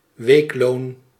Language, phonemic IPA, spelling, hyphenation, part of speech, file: Dutch, /ˈʋeːk.loːn/, weekloon, week‧loon, noun, Nl-weekloon.ogg
- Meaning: a week's pay, weekly wage